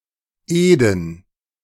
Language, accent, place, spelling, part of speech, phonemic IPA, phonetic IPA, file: German, Germany, Berlin, Eden, proper noun, /ˈeːdən/, [ˈʔeː.dn̩], De-Eden.ogg
- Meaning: Eden